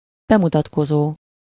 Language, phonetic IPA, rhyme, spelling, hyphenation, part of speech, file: Hungarian, [ˈbɛmutɒtkozoː], -zoː, bemutatkozó, be‧mu‧tat‧ko‧zó, verb / adjective, Hu-bemutatkozó.ogg
- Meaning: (verb) present participle of bemutatkozik; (adjective) introductory